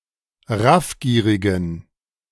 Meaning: inflection of raffgierig: 1. strong genitive masculine/neuter singular 2. weak/mixed genitive/dative all-gender singular 3. strong/weak/mixed accusative masculine singular 4. strong dative plural
- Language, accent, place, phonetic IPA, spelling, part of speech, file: German, Germany, Berlin, [ˈʁafˌɡiːʁɪɡn̩], raffgierigen, adjective, De-raffgierigen.ogg